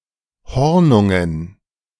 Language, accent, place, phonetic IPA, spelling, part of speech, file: German, Germany, Berlin, [ˈhɔʁnʊŋən], Hornungen, noun, De-Hornungen.ogg
- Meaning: dative plural of Hornung